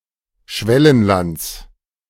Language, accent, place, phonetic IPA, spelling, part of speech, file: German, Germany, Berlin, [ˈʃvɛlənlant͡s], Schwellenlands, noun, De-Schwellenlands.ogg
- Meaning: genitive singular of Schwellenland